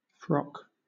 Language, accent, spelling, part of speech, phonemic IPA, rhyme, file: English, Southern England, frock, noun / verb, /fɹɒk/, -ɒk, LL-Q1860 (eng)-frock.wav
- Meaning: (noun) 1. A dress, a piece of clothing, which consists of a skirt and a cover for the upper body 2. An outer garment worn by priests and other clericals; a habit 3. A sailor's jersey